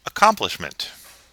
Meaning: The act of accomplishing; completion; fulfilment
- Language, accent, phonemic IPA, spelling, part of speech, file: English, US, /əˈkɑm.plɪʃ.mənt/, accomplishment, noun, En-us-accomplishment.ogg